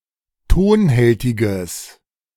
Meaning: strong/mixed nominative/accusative neuter singular of tonhältig
- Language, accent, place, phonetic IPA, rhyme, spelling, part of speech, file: German, Germany, Berlin, [ˈtoːnˌhɛltɪɡəs], -oːnhɛltɪɡəs, tonhältiges, adjective, De-tonhältiges.ogg